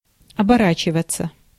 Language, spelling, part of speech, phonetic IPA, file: Russian, оборачиваться, verb, [ɐbɐˈrat͡ɕɪvət͡sə], Ru-оборачиваться.ogg
- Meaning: 1. to turn around 2. to turn into 3. passive of обора́чивать (oboráčivatʹ)